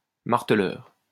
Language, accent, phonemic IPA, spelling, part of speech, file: French, France, /maʁ.tə.lœʁ/, marteleur, noun, LL-Q150 (fra)-marteleur.wav
- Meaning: 1. a hammersmith 2. someone who controls or works with a power hammer